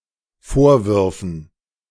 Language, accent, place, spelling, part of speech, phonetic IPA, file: German, Germany, Berlin, vorwürfen, verb, [ˈfoːɐ̯ˌvʏʁfn̩], De-vorwürfen.ogg
- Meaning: first/third-person plural dependent subjunctive II of vorwerfen